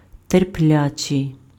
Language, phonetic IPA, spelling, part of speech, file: Ukrainian, [terˈplʲat͡ʃei̯], терплячий, adjective, Uk-терплячий.ogg
- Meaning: patient